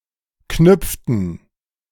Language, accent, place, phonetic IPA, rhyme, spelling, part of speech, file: German, Germany, Berlin, [ˈknʏp͡ftn̩], -ʏp͡ftn̩, knüpften, verb, De-knüpften.ogg
- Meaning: inflection of knüpfen: 1. first/third-person plural preterite 2. first/third-person plural subjunctive II